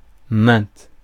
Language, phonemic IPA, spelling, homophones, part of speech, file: French, /mɛ̃/, maint, main / mains / maints, determiner / pronoun, Fr-maint.ogg
- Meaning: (determiner) many